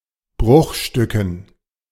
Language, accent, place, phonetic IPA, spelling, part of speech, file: German, Germany, Berlin, [ˈbʁʊxˌʃtʏkn̩], Bruchstücken, noun, De-Bruchstücken.ogg
- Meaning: dative plural of Bruchstück